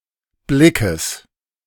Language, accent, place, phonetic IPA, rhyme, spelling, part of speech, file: German, Germany, Berlin, [ˈblɪkəs], -ɪkəs, Blickes, noun, De-Blickes.ogg
- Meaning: genitive singular of Blick